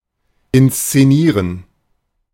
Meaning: 1. to stage, to perform (a dramatic work) 2. to stage, to perpetrate (a hoax or deception)
- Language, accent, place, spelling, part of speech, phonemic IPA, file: German, Germany, Berlin, inszenieren, verb, /ɪnst͡seˈniːʁən/, De-inszenieren.ogg